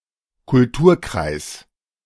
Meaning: 1. A cultural sphere or zone 2. In the theory of the Kulturkreis school, a complex of related cultural traits believed to have historically diffused together across different parts of the world
- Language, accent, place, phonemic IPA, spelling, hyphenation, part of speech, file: German, Germany, Berlin, /kʊlˈtuːɐ̯ˌkʁaɪ̯s/, Kulturkreis, Kul‧tur‧kreis, noun, De-Kulturkreis.ogg